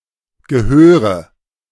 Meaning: inflection of gehören: 1. first-person singular present 2. first/third-person singular subjunctive I 3. singular imperative
- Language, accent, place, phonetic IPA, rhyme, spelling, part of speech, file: German, Germany, Berlin, [ɡəˈhøːʁə], -øːʁə, gehöre, verb, De-gehöre.ogg